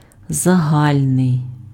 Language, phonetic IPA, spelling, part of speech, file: Ukrainian, [zɐˈɦalʲnei̯], загальний, adjective, Uk-загальний.ogg
- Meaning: universal, general, common, overall